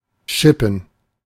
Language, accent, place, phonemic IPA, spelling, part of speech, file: German, Germany, Berlin, /ˈʃɪpən/, schippen, verb, De-schippen.ogg
- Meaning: to shovel